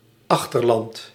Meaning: 1. hinterland (area around or serviced by a port) 2. hinterland (rural region surrounding a city) 3. hinterland (inland region next to a coast)
- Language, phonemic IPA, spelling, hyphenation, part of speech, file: Dutch, /ˈɑx.tərˌlɑnt/, achterland, ach‧ter‧land, noun, Nl-achterland.ogg